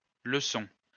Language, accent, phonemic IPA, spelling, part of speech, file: French, France, /lə.sɔ̃/, leçons, noun, LL-Q150 (fra)-leçons.wav
- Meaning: plural of leçon